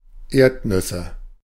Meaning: nominative/accusative/genitive plural of Erdnuss
- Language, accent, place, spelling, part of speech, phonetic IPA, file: German, Germany, Berlin, Erdnüsse, noun, [ˈeːɐ̯tˌnʏsə], De-Erdnüsse.ogg